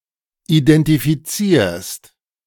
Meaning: second-person singular present of identifizieren
- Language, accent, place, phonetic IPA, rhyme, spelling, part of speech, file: German, Germany, Berlin, [idɛntifiˈt͡siːɐ̯st], -iːɐ̯st, identifizierst, verb, De-identifizierst.ogg